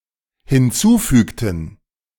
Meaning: inflection of hinzufügen: 1. first/third-person plural dependent preterite 2. first/third-person plural dependent subjunctive II
- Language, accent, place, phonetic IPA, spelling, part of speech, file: German, Germany, Berlin, [hɪnˈt͡suːˌfyːktn̩], hinzufügten, verb, De-hinzufügten.ogg